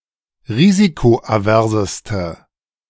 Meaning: inflection of risikoavers: 1. strong/mixed nominative/accusative feminine singular superlative degree 2. strong nominative/accusative plural superlative degree
- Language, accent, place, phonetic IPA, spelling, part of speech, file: German, Germany, Berlin, [ˈʁiːzikoʔaˌvɛʁzəstə], risikoaverseste, adjective, De-risikoaverseste.ogg